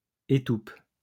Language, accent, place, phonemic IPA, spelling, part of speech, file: French, France, Lyon, /e.tup/, étoupe, noun / verb, LL-Q150 (fra)-étoupe.wav
- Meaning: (noun) oakum, tow (residue); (verb) inflection of étouper: 1. first/third-person singular present indicative/subjunctive 2. second-person singular imperative